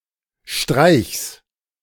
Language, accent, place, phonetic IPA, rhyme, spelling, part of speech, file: German, Germany, Berlin, [ʃtʁaɪ̯çs], -aɪ̯çs, Streichs, noun, De-Streichs.ogg
- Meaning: genitive singular of Streich